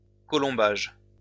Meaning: half-timbering
- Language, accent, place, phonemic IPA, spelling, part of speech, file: French, France, Lyon, /kɔ.lɔ̃.baʒ/, colombage, noun, LL-Q150 (fra)-colombage.wav